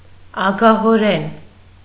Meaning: 1. avariciously, covetously, greedily 2. gluttonously, insatiably 3. stingily, parsimoniously
- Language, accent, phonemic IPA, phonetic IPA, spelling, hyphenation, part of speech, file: Armenian, Eastern Armenian, /ɑɡɑhoˈɾen/, [ɑɡɑhoɾén], ագահորեն, ա‧գա‧հո‧րեն, adverb, Hy-ագահորեն.ogg